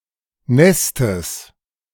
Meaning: genitive singular of Nest
- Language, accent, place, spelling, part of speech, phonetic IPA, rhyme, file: German, Germany, Berlin, Nestes, noun, [ˈnɛstəs], -ɛstəs, De-Nestes.ogg